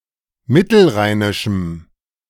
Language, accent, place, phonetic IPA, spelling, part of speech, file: German, Germany, Berlin, [ˈmɪtl̩ˌʁaɪ̯nɪʃm̩], mittelrheinischem, adjective, De-mittelrheinischem.ogg
- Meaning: strong dative masculine/neuter singular of mittelrheinisch